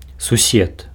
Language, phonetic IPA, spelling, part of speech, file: Belarusian, [suˈsʲet], сусед, noun, Be-сусед.ogg
- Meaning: neighbor